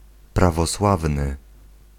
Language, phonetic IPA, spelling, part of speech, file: Polish, [ˌpravɔˈswavnɨ], prawosławny, adjective / noun, Pl-prawosławny.ogg